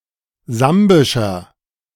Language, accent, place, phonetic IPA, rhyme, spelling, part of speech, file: German, Germany, Berlin, [ˈzambɪʃɐ], -ambɪʃɐ, sambischer, adjective, De-sambischer.ogg
- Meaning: inflection of sambisch: 1. strong/mixed nominative masculine singular 2. strong genitive/dative feminine singular 3. strong genitive plural